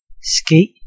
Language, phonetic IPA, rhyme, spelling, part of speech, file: Danish, [sɡ̊eˀ], -eːˀ, ske, verb / noun, Da-ske.ogg
- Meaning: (verb) 1. be 2. happen, occur 3. take place 4. come about 5. be done, be made; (noun) 1. spoon 2. ladle 3. trowel